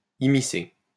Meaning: 1. to involve (someone) 2. to interfere
- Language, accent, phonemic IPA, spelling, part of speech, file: French, France, /i.mi.se/, immiscer, verb, LL-Q150 (fra)-immiscer.wav